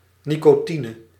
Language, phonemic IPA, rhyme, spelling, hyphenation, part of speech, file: Dutch, /ˌni.koːˈti.nə/, -inə, nicotine, ni‧co‧ti‧ne, noun, Nl-nicotine.ogg
- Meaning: nicotine (C₁₀H₁₄N₂, alkaloid)